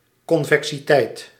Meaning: convexity
- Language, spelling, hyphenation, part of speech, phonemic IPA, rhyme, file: Dutch, convexiteit, con‧ve‧xi‧teit, noun, /kɔn.vɛk.siˈtɛi̯t/, -ɛi̯t, Nl-convexiteit.ogg